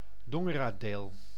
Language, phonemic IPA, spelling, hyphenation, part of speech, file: Dutch, /ˌdɔ.ŋə.raːˈdeːl/, Dongeradeel, Don‧ge‧ra‧deel, proper noun, Nl-Dongeradeel.ogg
- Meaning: Dongeradeel (a former municipality of Friesland, Netherlands)